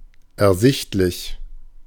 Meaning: apparent, clear, obvious
- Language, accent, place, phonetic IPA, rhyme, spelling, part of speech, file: German, Germany, Berlin, [ɛɐ̯ˈzɪçtlɪç], -ɪçtlɪç, ersichtlich, adjective, De-ersichtlich.ogg